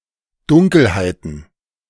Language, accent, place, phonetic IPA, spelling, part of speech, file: German, Germany, Berlin, [ˈdʊŋkl̩haɪ̯tn̩], Dunkelheiten, noun, De-Dunkelheiten.ogg
- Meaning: plural of Dunkelheit